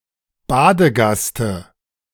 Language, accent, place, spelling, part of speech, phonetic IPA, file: German, Germany, Berlin, Badegaste, noun, [ˈbaːdəˌɡastə], De-Badegaste.ogg
- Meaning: dative singular of Badegast